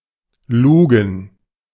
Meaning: to look
- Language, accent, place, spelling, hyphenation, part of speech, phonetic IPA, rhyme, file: German, Germany, Berlin, lugen, lu‧gen, verb, [ˈluːɡn̩], -uːɡn̩, De-lugen.ogg